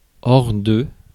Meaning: 1. outside, out of, off 2. apart from, if not, except, but
- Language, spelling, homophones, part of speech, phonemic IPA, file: French, hors, or / ore / ores / ors, preposition, /ɔʁ/, Fr-hors.ogg